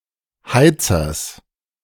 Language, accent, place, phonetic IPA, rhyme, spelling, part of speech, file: German, Germany, Berlin, [ˈhaɪ̯t͡sɐs], -aɪ̯t͡sɐs, Heizers, noun, De-Heizers.ogg
- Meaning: genitive singular of Heizer